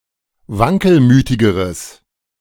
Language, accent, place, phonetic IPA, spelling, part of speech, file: German, Germany, Berlin, [ˈvaŋkəlˌmyːtɪɡəʁəs], wankelmütigeres, adjective, De-wankelmütigeres.ogg
- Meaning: strong/mixed nominative/accusative neuter singular comparative degree of wankelmütig